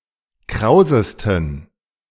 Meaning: 1. superlative degree of kraus 2. inflection of kraus: strong genitive masculine/neuter singular superlative degree
- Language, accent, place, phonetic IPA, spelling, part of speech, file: German, Germany, Berlin, [ˈkʁaʊ̯zəstn̩], krausesten, adjective, De-krausesten.ogg